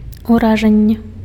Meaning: impression (overall effect of something)
- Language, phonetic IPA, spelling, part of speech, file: Belarusian, [uraˈʐanʲːe], уражанне, noun, Be-уражанне.ogg